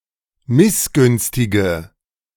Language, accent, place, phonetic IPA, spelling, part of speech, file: German, Germany, Berlin, [ˈmɪsˌɡʏnstɪɡə], missgünstige, adjective, De-missgünstige.ogg
- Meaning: inflection of missgünstig: 1. strong/mixed nominative/accusative feminine singular 2. strong nominative/accusative plural 3. weak nominative all-gender singular